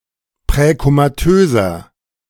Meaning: inflection of präkomatös: 1. strong/mixed nominative masculine singular 2. strong genitive/dative feminine singular 3. strong genitive plural
- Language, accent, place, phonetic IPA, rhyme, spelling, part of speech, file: German, Germany, Berlin, [pʁɛkomaˈtøːzɐ], -øːzɐ, präkomatöser, adjective, De-präkomatöser.ogg